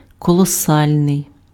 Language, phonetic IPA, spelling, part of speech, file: Ukrainian, [kɔɫɔˈsalʲnei̯], колосальний, adjective, Uk-колосальний.ogg
- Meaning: colossal